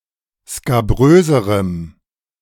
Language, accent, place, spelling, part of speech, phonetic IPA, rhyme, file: German, Germany, Berlin, skabröserem, adjective, [skaˈbʁøːzəʁəm], -øːzəʁəm, De-skabröserem.ogg
- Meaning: strong dative masculine/neuter singular comparative degree of skabrös